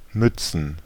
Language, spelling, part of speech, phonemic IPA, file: German, Mützen, noun, /ˈmʏt͡sn̩/, De-Mützen.ogg
- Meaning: plural of Mütze